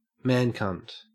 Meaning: 1. The anus of a man, usually the receptive participant in gay sex 2. The vulva or vagina of a trans man
- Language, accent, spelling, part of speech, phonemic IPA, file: English, Australia, man cunt, noun, /ˈmænˌkʌnt/, En-au-man cunt.ogg